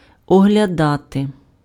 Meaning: 1. to inspect, to examine 2. to consider, to evaluate 3. to see
- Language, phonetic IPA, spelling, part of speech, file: Ukrainian, [ɔɦlʲɐˈdate], оглядати, verb, Uk-оглядати.ogg